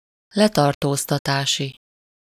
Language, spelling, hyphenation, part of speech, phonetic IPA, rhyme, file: Hungarian, letartóztatási, le‧tar‧tóz‧ta‧tá‧si, adjective, [ˈlɛtɒrtoːstɒtaːʃi], -ʃi, Hu-letartóztatási.ogg
- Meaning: arrest (attributive usage)